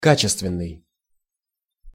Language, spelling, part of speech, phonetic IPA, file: Russian, качественный, adjective, [ˈkat͡ɕɪstvʲɪn(ː)ɨj], Ru-качественный.ogg
- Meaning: 1. qualitative 2. high-quality, high-grade